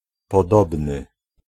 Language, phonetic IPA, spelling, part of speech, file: Polish, [pɔˈdɔbnɨ], podobny, adjective, Pl-podobny.ogg